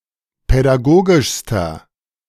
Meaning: inflection of pädagogisch: 1. strong/mixed nominative masculine singular superlative degree 2. strong genitive/dative feminine singular superlative degree 3. strong genitive plural superlative degree
- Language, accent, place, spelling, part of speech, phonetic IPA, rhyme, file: German, Germany, Berlin, pädagogischster, adjective, [pɛdaˈɡoːɡɪʃstɐ], -oːɡɪʃstɐ, De-pädagogischster.ogg